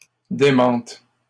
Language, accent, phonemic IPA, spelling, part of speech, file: French, Canada, /de.mɑ̃t/, démente, verb, LL-Q150 (fra)-démente.wav
- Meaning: first/third-person singular present subjunctive of démentir